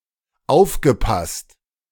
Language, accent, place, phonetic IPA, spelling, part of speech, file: German, Germany, Berlin, [ˈaʊ̯fɡəˌpast], aufgepasst, verb, De-aufgepasst.ogg
- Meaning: past participle of aufpassen